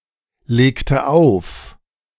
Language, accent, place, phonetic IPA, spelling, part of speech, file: German, Germany, Berlin, [ˌleːktə ˈaʊ̯f], legte auf, verb, De-legte auf.ogg
- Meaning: inflection of auflegen: 1. first/third-person singular preterite 2. first/third-person singular subjunctive II